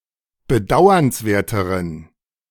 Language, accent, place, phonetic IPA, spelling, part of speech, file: German, Germany, Berlin, [bəˈdaʊ̯ɐnsˌveːɐ̯təʁən], bedauernswerteren, adjective, De-bedauernswerteren.ogg
- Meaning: inflection of bedauernswert: 1. strong genitive masculine/neuter singular comparative degree 2. weak/mixed genitive/dative all-gender singular comparative degree